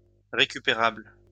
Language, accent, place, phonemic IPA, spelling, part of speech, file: French, France, Lyon, /ʁe.ky.pe.ʁabl/, récupérable, adjective, LL-Q150 (fra)-récupérable.wav
- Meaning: recoverable, salvageable